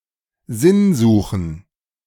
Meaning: plural of Sinnsuche
- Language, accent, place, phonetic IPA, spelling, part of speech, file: German, Germany, Berlin, [ˈzɪnˌzuːxn̩], Sinnsuchen, noun, De-Sinnsuchen.ogg